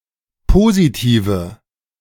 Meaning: nominative/accusative/genitive plural of Positiv
- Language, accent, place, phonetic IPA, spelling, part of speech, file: German, Germany, Berlin, [ˈpoːzitiːvə], Positive, noun, De-Positive.ogg